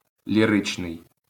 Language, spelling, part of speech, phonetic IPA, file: Ukrainian, ліричний, adjective, [lʲiˈrɪt͡ʃnei̯], LL-Q8798 (ukr)-ліричний.wav
- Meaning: lyrical